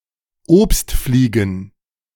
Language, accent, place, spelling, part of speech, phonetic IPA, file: German, Germany, Berlin, Obstfliegen, noun, [ˈoːpstˌfliːɡn̩], De-Obstfliegen.ogg
- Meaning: plural of Obstfliege